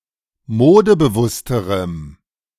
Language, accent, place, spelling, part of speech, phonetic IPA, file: German, Germany, Berlin, modebewussterem, adjective, [ˈmoːdəbəˌvʊstəʁəm], De-modebewussterem.ogg
- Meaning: strong dative masculine/neuter singular comparative degree of modebewusst